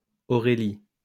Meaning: a female given name, equivalent to English Aurelia
- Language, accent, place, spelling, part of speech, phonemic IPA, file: French, France, Lyon, Aurélie, proper noun, /ɔ.ʁe.li/, LL-Q150 (fra)-Aurélie.wav